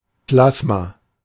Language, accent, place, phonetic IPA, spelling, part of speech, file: German, Germany, Berlin, [ˈplasma], Plasma, noun, De-Plasma.ogg
- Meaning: plasma